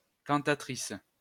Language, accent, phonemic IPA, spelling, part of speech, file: French, France, /kɑ̃.ta.tʁis/, cantatrice, noun, LL-Q150 (fra)-cantatrice.wav
- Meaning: cantatrice